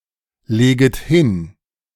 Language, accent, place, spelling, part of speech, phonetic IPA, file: German, Germany, Berlin, leget hin, verb, [ˌleːɡət ˈhɪn], De-leget hin.ogg
- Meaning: second-person plural subjunctive I of hinlegen